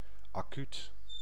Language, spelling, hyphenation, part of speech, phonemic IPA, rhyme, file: Dutch, acuut, acuut, adjective / adverb, /aːˈkyt/, -yt, Nl-acuut.ogg
- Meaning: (adjective) 1. acute, sharp 2. acute, sudden, immediate; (adverb) 1. acutely, very quickly, immediately 2. urgent